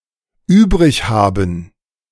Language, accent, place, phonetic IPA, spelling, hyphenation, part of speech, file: German, Germany, Berlin, [ˈyːbʁɪçˌhaːbn̩], übrighaben, üb‧rig‧ha‧ben, verb, De-übrighaben.ogg
- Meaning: to care for (i.e. like or appreciate)